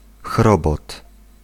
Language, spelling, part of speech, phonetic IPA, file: Polish, chrobot, noun, [ˈxrɔbɔt], Pl-chrobot.ogg